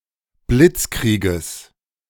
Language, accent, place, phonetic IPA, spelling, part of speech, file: German, Germany, Berlin, [ˈblɪt͡sˌkʁiːɡəs], Blitzkrieges, noun, De-Blitzkrieges.ogg
- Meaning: genitive singular of Blitzkrieg